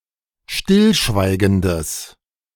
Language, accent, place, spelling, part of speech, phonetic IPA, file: German, Germany, Berlin, stillschweigendes, adjective, [ˈʃtɪlˌʃvaɪ̯ɡəndəs], De-stillschweigendes.ogg
- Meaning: strong/mixed nominative/accusative neuter singular of stillschweigend